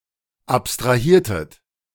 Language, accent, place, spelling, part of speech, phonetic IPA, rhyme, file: German, Germany, Berlin, abstrahiertet, verb, [ˌapstʁaˈhiːɐ̯tət], -iːɐ̯tət, De-abstrahiertet.ogg
- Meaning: inflection of abstrahieren: 1. second-person plural preterite 2. second-person plural subjunctive II